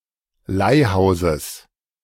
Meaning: genitive singular of Leihhaus
- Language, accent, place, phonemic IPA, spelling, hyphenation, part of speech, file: German, Germany, Berlin, /ˈlaɪ̯ˌhaʊ̯zəs/, Leihhauses, Leih‧hau‧ses, noun, De-Leihhauses.ogg